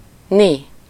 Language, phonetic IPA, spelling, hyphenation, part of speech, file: Hungarian, [ˈni], ni, ni, interjection, Hu-ni.ogg
- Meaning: lo!, look!